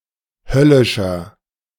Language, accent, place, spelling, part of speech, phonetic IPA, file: German, Germany, Berlin, höllischer, adjective, [ˈhœlɪʃɐ], De-höllischer.ogg
- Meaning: inflection of höllisch: 1. strong/mixed nominative masculine singular 2. strong genitive/dative feminine singular 3. strong genitive plural